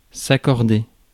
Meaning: 1. to grant (something to someone) 2. to link to, to be related to 3. to agree on a fact 4. to come to an agreement 5. to agree, to correspond grammatically 6. to make correspond grammatically
- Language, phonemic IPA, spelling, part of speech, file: French, /a.kɔʁ.de/, accorder, verb, Fr-accorder.ogg